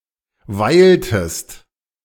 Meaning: inflection of weilen: 1. second-person singular preterite 2. second-person singular subjunctive II
- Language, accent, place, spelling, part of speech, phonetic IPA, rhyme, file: German, Germany, Berlin, weiltest, verb, [ˈvaɪ̯ltəst], -aɪ̯ltəst, De-weiltest.ogg